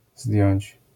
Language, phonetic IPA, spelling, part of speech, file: Polish, [zdʲjɔ̇̃ɲt͡ɕ], zdjąć, verb, LL-Q809 (pol)-zdjąć.wav